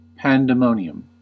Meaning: 1. A loud, wild, tumultuous protest, disorder, or chaotic situation, usually of a crowd, often violent 2. An outburst; loud, riotous uproar, especially of a crowd 3. A group of parrots
- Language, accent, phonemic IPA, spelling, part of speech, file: English, General American, /ˌpæn.dəˈmoʊ.ni.əm/, pandemonium, noun, En-us-pandemonium.ogg